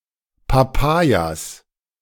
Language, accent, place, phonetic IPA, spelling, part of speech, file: German, Germany, Berlin, [paˈpajaːs], Papayas, noun, De-Papayas.ogg
- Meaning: plural of Papaya "papayas"